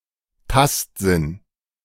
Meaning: the sense of touch
- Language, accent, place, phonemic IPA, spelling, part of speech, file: German, Germany, Berlin, /ˈtastzin/, Tastsinn, noun, De-Tastsinn.ogg